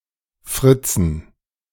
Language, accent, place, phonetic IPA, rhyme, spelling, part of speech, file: German, Germany, Berlin, [ˈfʁɪt͡sn̩], -ɪt͡sn̩, Fritzen, noun, De-Fritzen.ogg
- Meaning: dative plural of Fritz